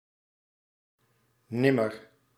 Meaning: never
- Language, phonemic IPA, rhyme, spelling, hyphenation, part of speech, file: Dutch, /ˈnɪ.mər/, -ɪmər, nimmer, nim‧mer, adverb, Nl-nimmer.ogg